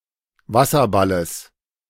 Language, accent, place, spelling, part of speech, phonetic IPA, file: German, Germany, Berlin, Wasserballes, noun, [ˈvasɐˌbaləs], De-Wasserballes.ogg
- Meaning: genitive singular of Wasserball